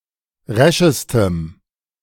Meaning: strong dative masculine/neuter singular superlative degree of resch
- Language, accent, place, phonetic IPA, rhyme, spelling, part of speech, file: German, Germany, Berlin, [ˈʁɛʃəstəm], -ɛʃəstəm, reschestem, adjective, De-reschestem.ogg